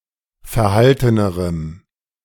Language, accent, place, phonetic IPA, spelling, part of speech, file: German, Germany, Berlin, [fɛɐ̯ˈhaltənəʁəm], verhaltenerem, adjective, De-verhaltenerem.ogg
- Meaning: strong dative masculine/neuter singular comparative degree of verhalten